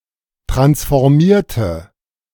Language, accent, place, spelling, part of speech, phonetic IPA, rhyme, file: German, Germany, Berlin, transformierte, adjective / verb, [ˌtʁansfɔʁˈmiːɐ̯tə], -iːɐ̯tə, De-transformierte.ogg
- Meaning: inflection of transformieren: 1. first/third-person singular preterite 2. first/third-person singular subjunctive II